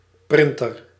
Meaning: a printer (electronic device for printing papers or three-dimentional objects)
- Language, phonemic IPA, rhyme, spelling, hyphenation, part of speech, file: Dutch, /ˈprɪn.tər/, -ɪntər, printer, prin‧ter, noun, Nl-printer.ogg